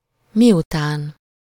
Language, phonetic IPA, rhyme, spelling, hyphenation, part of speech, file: Hungarian, [ˈmijutaːn], -aːn, miután, mi‧után, conjunction, Hu-miután.ogg
- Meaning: after, when